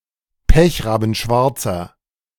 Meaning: inflection of pechrabenschwarz: 1. strong/mixed nominative masculine singular 2. strong genitive/dative feminine singular 3. strong genitive plural
- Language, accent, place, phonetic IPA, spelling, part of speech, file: German, Germany, Berlin, [ˈpɛçʁaːbn̩ˌʃvaʁt͡sɐ], pechrabenschwarzer, adjective, De-pechrabenschwarzer.ogg